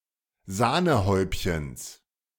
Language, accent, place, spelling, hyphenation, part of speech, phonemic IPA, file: German, Germany, Berlin, Sahnehäubchens, Sah‧ne‧häub‧chens, noun, /ˈzaːnəˌhɔɪ̯pçəns/, De-Sahnehäubchens.ogg
- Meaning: genitive singular of Sahnehäubchen